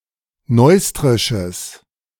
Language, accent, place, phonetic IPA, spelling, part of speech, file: German, Germany, Berlin, [ˈnɔɪ̯stʁɪʃəs], neustrisches, adjective, De-neustrisches.ogg
- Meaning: strong/mixed nominative/accusative neuter singular of neustrisch